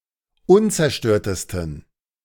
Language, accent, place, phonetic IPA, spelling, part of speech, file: German, Germany, Berlin, [ˈʊnt͡sɛɐ̯ˌʃtøːɐ̯təstn̩], unzerstörtesten, adjective, De-unzerstörtesten.ogg
- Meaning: 1. superlative degree of unzerstört 2. inflection of unzerstört: strong genitive masculine/neuter singular superlative degree